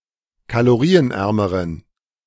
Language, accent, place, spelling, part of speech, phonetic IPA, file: German, Germany, Berlin, kalorienärmeren, adjective, [kaloˈʁiːənˌʔɛʁməʁən], De-kalorienärmeren.ogg
- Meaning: inflection of kalorienarm: 1. strong genitive masculine/neuter singular comparative degree 2. weak/mixed genitive/dative all-gender singular comparative degree